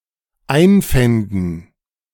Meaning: first/third-person plural dependent subjunctive II of einfinden
- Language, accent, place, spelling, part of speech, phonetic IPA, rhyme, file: German, Germany, Berlin, einfänden, verb, [ˈaɪ̯nˌfɛndn̩], -aɪ̯nfɛndn̩, De-einfänden.ogg